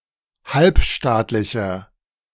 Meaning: inflection of halbstaatlich: 1. strong/mixed nominative masculine singular 2. strong genitive/dative feminine singular 3. strong genitive plural
- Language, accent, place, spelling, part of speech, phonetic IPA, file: German, Germany, Berlin, halbstaatlicher, adjective, [ˈhalpˌʃtaːtlɪçɐ], De-halbstaatlicher.ogg